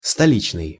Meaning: 1. capital (city) 2. metropolitan, city (characteristic of urban life in the capital, especially when contrasted with small towns and rural areas)
- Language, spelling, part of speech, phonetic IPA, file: Russian, столичный, adjective, [stɐˈlʲit͡ɕnɨj], Ru-столичный.ogg